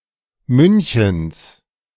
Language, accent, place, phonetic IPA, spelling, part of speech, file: German, Germany, Berlin, [ˈmʏnçn̩s], Münchens, noun, De-Münchens.ogg
- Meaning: genitive singular of München